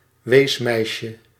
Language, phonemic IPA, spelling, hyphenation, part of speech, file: Dutch, /ˈʋeːsˌmɛi̯.ʃə/, weesmeisje, wees‧meis‧je, noun, Nl-weesmeisje.ogg
- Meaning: an orphan girl